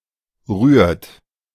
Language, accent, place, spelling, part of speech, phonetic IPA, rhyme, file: German, Germany, Berlin, rührt, verb, [ʁyːɐ̯t], -yːɐ̯t, De-rührt.ogg
- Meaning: inflection of rühren: 1. third-person singular present 2. second-person plural present 3. plural imperative